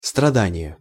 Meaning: suffering
- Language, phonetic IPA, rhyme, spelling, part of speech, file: Russian, [strɐˈdanʲɪje], -anʲɪje, страдание, noun, Ru-страдание.ogg